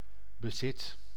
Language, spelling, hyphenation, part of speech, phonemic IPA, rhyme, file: Dutch, bezit, be‧zit, noun / verb, /bəˈzɪt/, -ɪt, Nl-bezit.ogg
- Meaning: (noun) 1. possession 2. possession, belonging 3. assets; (verb) inflection of bezitten: 1. first/second/third-person singular present indicative 2. imperative